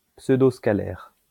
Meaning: pseudoscalar
- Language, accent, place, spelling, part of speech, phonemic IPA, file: French, France, Lyon, pseudoscalaire, noun, /psø.dos.ka.lɛʁ/, LL-Q150 (fra)-pseudoscalaire.wav